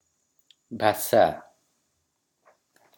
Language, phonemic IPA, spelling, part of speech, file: Odia, /bʱasa/, ଭାଷା, noun, Or-ଭାଷା.oga
- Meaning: language